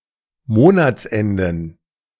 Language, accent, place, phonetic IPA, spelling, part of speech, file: German, Germany, Berlin, [ˈmoːnat͡sˌʔɛndn̩], Monatsenden, noun, De-Monatsenden.ogg
- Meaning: plural of Monatsende